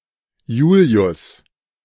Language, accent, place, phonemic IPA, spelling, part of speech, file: German, Germany, Berlin, /ˈjuːli̯ʊs/, Julius, proper noun, De-Julius.ogg
- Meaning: a male given name from Latin